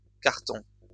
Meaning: plural of carton
- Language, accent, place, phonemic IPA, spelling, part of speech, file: French, France, Lyon, /kaʁ.tɔ̃/, cartons, noun, LL-Q150 (fra)-cartons.wav